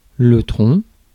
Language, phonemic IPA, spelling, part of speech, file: French, /tʁɔ̃/, tronc, noun, Fr-tronc.ogg
- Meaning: 1. trunk 2. trunk, bole (of a tree) 3. poor box